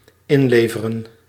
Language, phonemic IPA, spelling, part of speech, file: Dutch, /ˈɪnlevərə(n)/, inleveren, verb, Nl-inleveren.ogg
- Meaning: 1. to turn in 2. to sacrifice, to compromise, to give up on